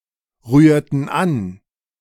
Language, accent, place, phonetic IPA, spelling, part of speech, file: German, Germany, Berlin, [ˌʁyːɐ̯tn̩ ˈan], rührten an, verb, De-rührten an.ogg
- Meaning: inflection of anrühren: 1. first/third-person plural preterite 2. first/third-person plural subjunctive II